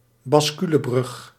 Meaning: bascule bridge
- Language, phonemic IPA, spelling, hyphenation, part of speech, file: Dutch, /bɑsˈky.ləˌbrʏx/, basculebrug, bas‧cu‧le‧brug, noun, Nl-basculebrug.ogg